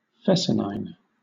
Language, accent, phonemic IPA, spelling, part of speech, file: English, Southern England, /ˈfɛsənʌɪn/, fescennine, adjective, LL-Q1860 (eng)-fescennine.wav
- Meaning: Obscene or scurrilous